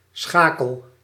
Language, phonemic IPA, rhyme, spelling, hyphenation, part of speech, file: Dutch, /ˈsxaː.kəl/, -aːkəl, schakel, scha‧kel, noun / verb, Nl-schakel.ogg
- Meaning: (noun) 1. shackle (chain shackle) 2. link of a chain 3. link, connection 4. association, contact; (verb) inflection of schakelen: first-person singular present indicative